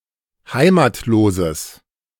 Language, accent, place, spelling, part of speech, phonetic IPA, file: German, Germany, Berlin, heimatloses, adjective, [ˈhaɪ̯maːtloːzəs], De-heimatloses.ogg
- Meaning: strong/mixed nominative/accusative neuter singular of heimatlos